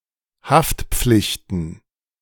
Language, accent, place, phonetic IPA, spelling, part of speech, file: German, Germany, Berlin, [ˈhaftˌp͡flɪçtn̩], Haftpflichten, noun, De-Haftpflichten.ogg
- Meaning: plural of Haftpflicht